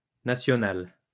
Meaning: feminine plural of national
- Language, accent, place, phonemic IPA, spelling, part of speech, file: French, France, Lyon, /na.sjɔ.nal/, nationales, adjective, LL-Q150 (fra)-nationales.wav